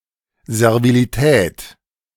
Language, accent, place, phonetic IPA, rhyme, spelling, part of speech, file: German, Germany, Berlin, [zɛʁviliˈtɛːt], -ɛːt, Servilität, noun, De-Servilität.ogg
- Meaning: 1. subservience 2. servility